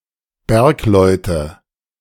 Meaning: miners
- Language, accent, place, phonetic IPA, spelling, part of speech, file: German, Germany, Berlin, [ˈbɛʁkˌlɔɪ̯tə], Bergleute, noun, De-Bergleute.ogg